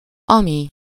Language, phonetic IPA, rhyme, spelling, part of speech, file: Hungarian, [ˈɒmi], -mi, ami, pronoun, Hu-ami.ogg
- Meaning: which; that